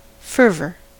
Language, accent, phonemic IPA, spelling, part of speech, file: English, US, /ˈfɝ.vɚ/, fervor, noun, En-us-fervor.ogg
- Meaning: 1. An intense, heated emotion; passion, ardor 2. A passionate enthusiasm for some cause 3. Heat